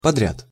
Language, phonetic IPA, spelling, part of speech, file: Russian, [pɐˈdrʲat], подряд, adverb / noun, Ru-подряд.ogg
- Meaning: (adverb) straight, in a row, in succession, running; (noun) contract, outsourcing (transfer business)